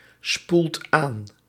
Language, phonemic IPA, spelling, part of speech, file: Dutch, /ˈspult ˈan/, spoelt aan, verb, Nl-spoelt aan.ogg
- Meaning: inflection of aanspoelen: 1. second/third-person singular present indicative 2. plural imperative